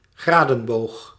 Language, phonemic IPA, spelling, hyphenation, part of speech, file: Dutch, /ˈɣraːdə(n)boːx/, gradenboog, gra‧den‧boog, noun, Nl-gradenboog.ogg
- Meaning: protractor (measuring tool)